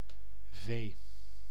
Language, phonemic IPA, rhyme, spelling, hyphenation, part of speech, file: Dutch, /veː/, -eː, vee, vee, noun, Nl-vee.ogg
- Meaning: livestock, cattle